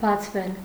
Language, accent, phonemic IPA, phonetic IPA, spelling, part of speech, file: Armenian, Eastern Armenian, /bɑt͡sʰˈvel/, [bɑt͡sʰvél], բացվել, verb, Hy-բացվել.ogg
- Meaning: passive voice of բացել (bacʻel)